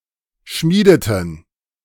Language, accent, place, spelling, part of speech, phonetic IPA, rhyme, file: German, Germany, Berlin, schmiedeten, verb, [ˈʃmiːdətn̩], -iːdətn̩, De-schmiedeten.ogg
- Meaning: inflection of schmieden: 1. first/third-person plural preterite 2. first/third-person plural subjunctive II